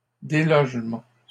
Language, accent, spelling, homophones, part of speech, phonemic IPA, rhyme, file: French, Canada, délogement, délogements, noun, /de.lɔʒ.mɑ̃/, -ɑ̃, LL-Q150 (fra)-délogement.wav
- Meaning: dislodgement